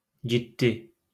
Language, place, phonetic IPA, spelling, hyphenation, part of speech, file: Azerbaijani, Baku, [d͡ʒiˈdːi], ciddi, cid‧di, adjective, LL-Q9292 (aze)-ciddi.wav
- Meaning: serious